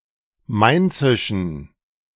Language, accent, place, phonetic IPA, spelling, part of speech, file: German, Germany, Berlin, [ˈmaɪ̯nt͡sɪʃn̩], mainzischen, adjective, De-mainzischen.ogg
- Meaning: inflection of mainzisch: 1. strong genitive masculine/neuter singular 2. weak/mixed genitive/dative all-gender singular 3. strong/weak/mixed accusative masculine singular 4. strong dative plural